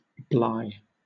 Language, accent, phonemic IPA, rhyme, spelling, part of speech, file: English, Southern England, /blaɪ/, -aɪ, bly, noun, LL-Q1860 (eng)-bly.wav
- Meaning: Likeness; resemblance; look aspect; species; character